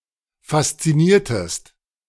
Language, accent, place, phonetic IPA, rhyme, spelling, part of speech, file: German, Germany, Berlin, [fast͡siˈniːɐ̯təst], -iːɐ̯təst, fasziniertest, verb, De-fasziniertest.ogg
- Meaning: inflection of faszinieren: 1. second-person singular preterite 2. second-person singular subjunctive II